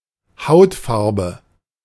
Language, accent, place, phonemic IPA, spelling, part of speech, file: German, Germany, Berlin, /ˈhaʊtˌfarbə/, Hautfarbe, noun, De-Hautfarbe.ogg
- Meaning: 1. skin color; complexion 2. a color similar to the average skin color of white people in central and northern Europe, often found in colored pencils; flesh